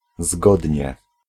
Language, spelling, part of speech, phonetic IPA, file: Polish, zgodnie, adverb, [ˈzɡɔdʲɲɛ], Pl-zgodnie.ogg